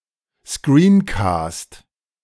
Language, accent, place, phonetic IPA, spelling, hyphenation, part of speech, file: German, Germany, Berlin, [ˈskriːnkɑːst], Screencast, Screen‧cast, noun, De-Screencast.ogg
- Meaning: screencast